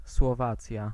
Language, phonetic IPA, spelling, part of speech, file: Polish, [swɔˈvat͡sʲja], Słowacja, proper noun, Pl-Słowacja.ogg